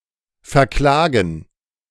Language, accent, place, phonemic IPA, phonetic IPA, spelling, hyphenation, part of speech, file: German, Germany, Berlin, /fɛʁˈklaːɡən/, [fɛɐ̯ˈklaːɡŋ̩], verklagen, ver‧kla‧gen, verb, De-verklagen.ogg
- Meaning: to sue